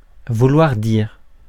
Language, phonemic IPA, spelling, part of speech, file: French, /vu.lwaʁ diʁ/, vouloir dire, verb, Fr-vouloir dire.ogg
- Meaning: to mean; to signify